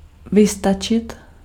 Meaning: to get by
- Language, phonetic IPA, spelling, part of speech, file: Czech, [ˈvɪstat͡ʃɪt], vystačit, verb, Cs-vystačit.ogg